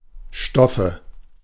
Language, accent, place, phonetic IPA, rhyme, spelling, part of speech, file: German, Germany, Berlin, [ˈʃtɔfə], -ɔfə, Stoffe, noun, De-Stoffe.ogg
- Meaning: nominative/accusative/genitive plural of Stoff